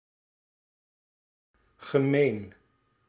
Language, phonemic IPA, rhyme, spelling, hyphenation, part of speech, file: Dutch, /ɣəˈmeːn/, -eːn, gemeen, ge‧meen, adjective / adverb / noun, Nl-gemeen.ogg
- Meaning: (adjective) 1. mean, hurtful 2. intense, extreme 3. common, shared, communal; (adverb) in common; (noun) common people, plebs